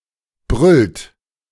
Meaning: inflection of brüllen: 1. third-person singular present 2. second-person plural present 3. plural imperative
- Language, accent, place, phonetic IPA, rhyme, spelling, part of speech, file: German, Germany, Berlin, [bʁʏlt], -ʏlt, brüllt, verb, De-brüllt.ogg